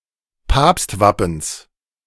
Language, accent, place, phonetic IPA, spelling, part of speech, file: German, Germany, Berlin, [ˈpaːpstˌvapn̩s], Papstwappens, noun, De-Papstwappens.ogg
- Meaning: genitive singular of Papstwappen